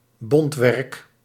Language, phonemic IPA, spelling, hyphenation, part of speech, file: Dutch, /ˈbɔnt.ʋɛrk/, bontwerk, bont‧werk, noun, Nl-bontwerk.ogg
- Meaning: processed fur or pelts